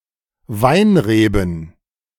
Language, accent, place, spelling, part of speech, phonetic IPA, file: German, Germany, Berlin, Weinreben, noun, [ˈvaɪ̯nˌʁeːbn̩], De-Weinreben.ogg
- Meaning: plural of Weinrebe